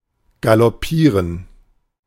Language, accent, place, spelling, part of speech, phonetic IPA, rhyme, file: German, Germany, Berlin, galoppieren, verb, [ɡalɔˈpiːʁən], -iːʁən, De-galoppieren.ogg
- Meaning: to gallop